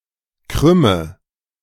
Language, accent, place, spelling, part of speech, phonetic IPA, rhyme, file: German, Germany, Berlin, krümme, verb, [ˈkʁʏmə], -ʏmə, De-krümme.ogg
- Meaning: inflection of krümmen: 1. first-person singular present 2. first/third-person singular subjunctive I 3. singular imperative